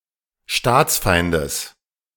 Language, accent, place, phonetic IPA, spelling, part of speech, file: German, Germany, Berlin, [ˈʃtaːt͡sˌfaɪ̯ndəs], Staatsfeindes, noun, De-Staatsfeindes.ogg
- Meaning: genitive of Staatsfeind